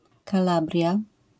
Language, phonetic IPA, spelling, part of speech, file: Polish, [kaˈlabrʲja], Kalabria, noun, LL-Q809 (pol)-Kalabria.wav